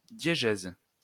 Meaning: diegesis
- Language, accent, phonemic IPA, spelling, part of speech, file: French, France, /dje.ʒɛz/, diégèse, noun, LL-Q150 (fra)-diégèse.wav